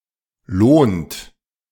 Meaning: inflection of lohnen: 1. third-person singular present 2. second-person plural present 3. plural imperative
- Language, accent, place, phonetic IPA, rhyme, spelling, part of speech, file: German, Germany, Berlin, [loːnt], -oːnt, lohnt, verb, De-lohnt.ogg